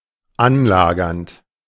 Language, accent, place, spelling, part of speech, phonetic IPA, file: German, Germany, Berlin, anlagernd, verb, [ˈanˌlaːɡɐnt], De-anlagernd.ogg
- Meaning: present participle of anlagern